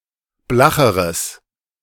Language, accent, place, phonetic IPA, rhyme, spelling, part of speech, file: German, Germany, Berlin, [ˈblaxəʁəs], -axəʁəs, blacheres, adjective, De-blacheres.ogg
- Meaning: strong/mixed nominative/accusative neuter singular comparative degree of blach